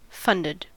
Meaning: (verb) simple past and past participle of fund; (adjective) Having received financial support; paid for
- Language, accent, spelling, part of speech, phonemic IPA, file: English, US, funded, verb / adjective, /ˈfʌndɪd/, En-us-funded.ogg